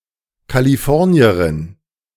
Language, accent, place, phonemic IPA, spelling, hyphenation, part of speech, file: German, Germany, Berlin, /kaliˈfɔʁni̯əʁɪn/, Kalifornierin, Ka‧li‧for‧ni‧e‧rin, noun, De-Kalifornierin.ogg
- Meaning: female equivalent of Kalifornier (“person from California”)